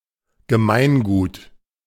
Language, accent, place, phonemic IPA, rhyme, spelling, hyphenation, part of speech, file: German, Germany, Berlin, /ɡəˈmaɪ̯nˌɡuːt/, -uːt, Gemeingut, Ge‧mein‧gut, noun, De-Gemeingut.ogg
- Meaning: common good